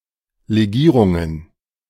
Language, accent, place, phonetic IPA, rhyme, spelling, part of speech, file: German, Germany, Berlin, [leˈɡiːʁʊŋən], -iːʁʊŋən, Legierungen, noun, De-Legierungen.ogg
- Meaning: plural of Legierung